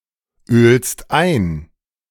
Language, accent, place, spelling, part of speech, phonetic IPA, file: German, Germany, Berlin, ölst ein, verb, [ˌøːlst ˈaɪ̯n], De-ölst ein.ogg
- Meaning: second-person singular present of einölen